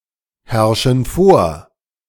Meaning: inflection of vorherrschen: 1. first/third-person plural present 2. first/third-person plural subjunctive I
- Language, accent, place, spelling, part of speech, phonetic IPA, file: German, Germany, Berlin, herrschen vor, verb, [ˌhɛʁʃn̩ ˈfoːɐ̯], De-herrschen vor.ogg